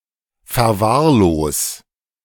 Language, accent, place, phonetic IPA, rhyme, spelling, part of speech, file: German, Germany, Berlin, [fɛɐ̯ˈvaːɐ̯ˌloːs], -aːɐ̯loːs, verwahrlos, verb, De-verwahrlos.ogg
- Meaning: 1. singular imperative of verwahrlosen 2. first-person singular present of verwahrlosen